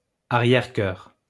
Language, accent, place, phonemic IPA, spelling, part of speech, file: French, France, Lyon, /a.ʁjɛʁ.kœʁ/, arrière-choeur, noun, LL-Q150 (fra)-arrière-choeur.wav
- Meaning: nonstandard spelling of arrière-chœur